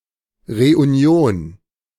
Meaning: reunion, unification
- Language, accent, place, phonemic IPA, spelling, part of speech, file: German, Germany, Berlin, /ʁeʔuˈni̯oːn/, Reunion, noun, De-Reunion.ogg